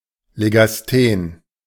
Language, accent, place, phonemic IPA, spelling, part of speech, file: German, Germany, Berlin, /ˌleɡasˈten/, legasthen, adjective, De-legasthen.ogg
- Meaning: dyslexic, dyslectic